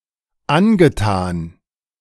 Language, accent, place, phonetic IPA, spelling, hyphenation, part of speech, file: German, Germany, Berlin, [ˈanɡəˌtaːn], angetan, an‧ge‧tan, verb / adjective, De-angetan.ogg
- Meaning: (verb) past participle of antun: "done"; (adjective) 1. be taken with something; have taken a shine 2. suitable, appropriate, apposite, calculated